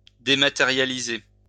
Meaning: to dematerialize
- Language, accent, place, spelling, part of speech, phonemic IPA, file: French, France, Lyon, dématérialiser, verb, /de.ma.te.ʁja.li.ze/, LL-Q150 (fra)-dématérialiser.wav